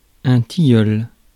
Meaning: linden, lime (tree)
- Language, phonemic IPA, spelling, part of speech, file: French, /ti.jœl/, tilleul, noun, Fr-tilleul.ogg